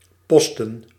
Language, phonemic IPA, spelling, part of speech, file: Dutch, /ˈpɔstə(n)/, posten, verb / noun, Nl-posten.ogg
- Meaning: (verb) 1. to post, to mail 2. to be on the lookout, to keep guard; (noun) plural of post